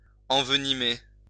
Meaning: 1. to envenom 2. to aggravate, inflame
- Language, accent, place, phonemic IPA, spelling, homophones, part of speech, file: French, France, Lyon, /ɑ̃v.ni.me/, envenimer, envenimai / envenimé / envenimée / envenimées / envenimés / envenimez, verb, LL-Q150 (fra)-envenimer.wav